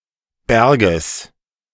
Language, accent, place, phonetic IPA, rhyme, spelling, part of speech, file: German, Germany, Berlin, [ˈbɛʁɡəs], -ɛʁɡəs, Berges, noun, De-Berges.ogg
- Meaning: genitive singular of Berg